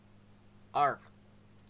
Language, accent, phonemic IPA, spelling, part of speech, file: English, Canada, /ɑː(ɹ)(ɡ)/, argh, interjection, En-ca-argh.ogg
- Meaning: Expressing annoyance, dismay, embarrassment or frustration